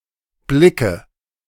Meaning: inflection of blicken: 1. first-person singular present 2. singular imperative 3. first/third-person singular subjunctive I
- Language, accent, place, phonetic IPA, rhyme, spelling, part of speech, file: German, Germany, Berlin, [ˈblɪkə], -ɪkə, blicke, verb, De-blicke.ogg